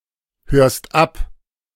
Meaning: second-person singular present of abhören
- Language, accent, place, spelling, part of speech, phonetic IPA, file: German, Germany, Berlin, hörst ab, verb, [ˌhøːɐ̯st ˈap], De-hörst ab.ogg